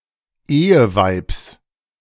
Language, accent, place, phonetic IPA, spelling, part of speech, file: German, Germany, Berlin, [ˈeːəˌvaɪ̯ps], Eheweibs, noun, De-Eheweibs.ogg
- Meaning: genitive singular of Eheweib